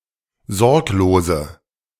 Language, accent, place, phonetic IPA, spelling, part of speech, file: German, Germany, Berlin, [ˈzɔʁkloːzə], sorglose, adjective, De-sorglose.ogg
- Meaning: inflection of sorglos: 1. strong/mixed nominative/accusative feminine singular 2. strong nominative/accusative plural 3. weak nominative all-gender singular 4. weak accusative feminine/neuter singular